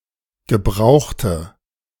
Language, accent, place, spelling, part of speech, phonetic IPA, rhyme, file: German, Germany, Berlin, gebrauchte, adjective / verb, [ɡəˈbʁaʊ̯xtə], -aʊ̯xtə, De-gebrauchte.ogg
- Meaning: inflection of gebraucht: 1. strong/mixed nominative/accusative feminine singular 2. strong nominative/accusative plural 3. weak nominative all-gender singular